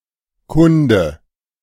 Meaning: 1. A science or branch of knowledge dealing with the subject referred to by the stem to which the suffix is added 2. -logy
- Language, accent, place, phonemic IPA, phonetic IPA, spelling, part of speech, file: German, Germany, Berlin, /ˈkʊndə/, [ˈkʰʊndə], -kunde, suffix, De--kunde.ogg